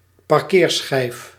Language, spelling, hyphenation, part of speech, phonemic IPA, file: Dutch, parkeerschijf, par‧keer‧schijf, noun, /pɑrˈkeːrˌsxɛi̯f/, Nl-parkeerschijf.ogg
- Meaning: parking disc